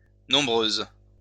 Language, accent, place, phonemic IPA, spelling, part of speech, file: French, France, Lyon, /nɔ̃.bʁøz/, nombreuses, adjective, LL-Q150 (fra)-nombreuses.wav
- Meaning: feminine plural of nombreux